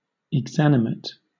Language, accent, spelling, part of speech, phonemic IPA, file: English, Southern England, exanimate, adjective, /ɪɡˈzænɪmɪt/, LL-Q1860 (eng)-exanimate.wav
- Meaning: 1. Lifeless, not or no longer living, dead 2. Spiritless, dispirited, disheartened, not lively